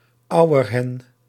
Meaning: female western capercaillie, female wood grouse
- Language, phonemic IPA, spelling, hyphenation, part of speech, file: Dutch, /ˈɑu̯.ərˌɦɛn/, auerhen, au‧er‧hen, noun, Nl-auerhen.ogg